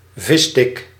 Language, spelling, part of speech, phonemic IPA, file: Dutch, visstick, noun, /ˈvɪstɪk/, Nl-visstick.ogg
- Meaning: fish finger, fish stick